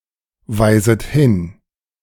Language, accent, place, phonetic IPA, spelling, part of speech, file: German, Germany, Berlin, [ˌvaɪ̯zət ˈhɪn], weiset hin, verb, De-weiset hin.ogg
- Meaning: second-person plural subjunctive I of hinweisen